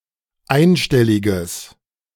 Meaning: strong/mixed nominative/accusative neuter singular of einstellig
- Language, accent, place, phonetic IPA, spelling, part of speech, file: German, Germany, Berlin, [ˈaɪ̯nˌʃtɛlɪɡəs], einstelliges, adjective, De-einstelliges.ogg